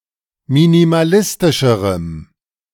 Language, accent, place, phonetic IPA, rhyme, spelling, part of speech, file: German, Germany, Berlin, [minimaˈlɪstɪʃəʁəm], -ɪstɪʃəʁəm, minimalistischerem, adjective, De-minimalistischerem.ogg
- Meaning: strong dative masculine/neuter singular comparative degree of minimalistisch